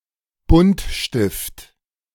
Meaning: 1. colored pencil 2. any colored drawing utensil, thus including felt pens and crayons
- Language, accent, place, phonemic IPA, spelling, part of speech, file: German, Germany, Berlin, /ˈbʊn(t)ˌʃtɪft/, Buntstift, noun, De-Buntstift.ogg